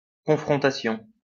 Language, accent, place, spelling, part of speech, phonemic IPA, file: French, France, Lyon, confrontation, noun, /kɔ̃.fʁɔ̃.ta.sjɔ̃/, LL-Q150 (fra)-confrontation.wav
- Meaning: confrontation